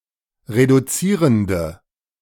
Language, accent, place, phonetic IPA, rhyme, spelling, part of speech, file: German, Germany, Berlin, [ʁeduˈt͡siːʁəndə], -iːʁəndə, reduzierende, adjective, De-reduzierende.ogg
- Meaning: inflection of reduzierend: 1. strong/mixed nominative/accusative feminine singular 2. strong nominative/accusative plural 3. weak nominative all-gender singular